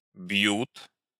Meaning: third-person plural present indicative imperfective of бить (bitʹ)
- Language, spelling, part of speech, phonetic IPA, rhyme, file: Russian, бьют, verb, [b⁽ʲ⁾jut], -ut, Ru-бьют.ogg